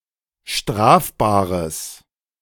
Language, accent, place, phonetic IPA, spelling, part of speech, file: German, Germany, Berlin, [ˈʃtʁaːfbaːʁəs], strafbares, adjective, De-strafbares.ogg
- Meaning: strong/mixed nominative/accusative neuter singular of strafbar